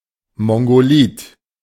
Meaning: mongoloid
- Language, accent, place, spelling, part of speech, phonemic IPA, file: German, Germany, Berlin, mongolid, adjective, /ˌmɔŋɡoˈliːt/, De-mongolid.ogg